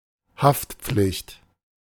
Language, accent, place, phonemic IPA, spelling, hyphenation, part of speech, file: German, Germany, Berlin, /ˈhaftˌpflɪçt/, Haftpflicht, Haft‧pflicht, noun, De-Haftpflicht.ogg
- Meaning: liability